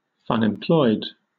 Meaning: In a state of enjoyable unemployment
- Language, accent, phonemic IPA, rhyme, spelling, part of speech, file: English, Southern England, /ˌfʌnɪmˈplɔɪd/, -ɔɪd, funemployed, adjective, LL-Q1860 (eng)-funemployed.wav